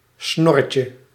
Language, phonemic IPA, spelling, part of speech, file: Dutch, /ˈsnɔrəcə/, snorretje, noun, Nl-snorretje.ogg
- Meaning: diminutive of snor